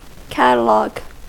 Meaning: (noun) 1. A systematic list of books, names, pictures, etc 2. A systematic list of books, names, pictures, etc.: A complete (usually alphabetical or chronological) list of items
- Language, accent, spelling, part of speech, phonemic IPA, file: English, US, catalogue, noun / verb, /ˈkæt.əˌlɔɡ/, En-us-catalogue.ogg